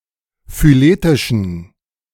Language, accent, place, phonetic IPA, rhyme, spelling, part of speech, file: German, Germany, Berlin, [fyˈleːtɪʃn̩], -eːtɪʃn̩, phyletischen, adjective, De-phyletischen.ogg
- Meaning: inflection of phyletisch: 1. strong genitive masculine/neuter singular 2. weak/mixed genitive/dative all-gender singular 3. strong/weak/mixed accusative masculine singular 4. strong dative plural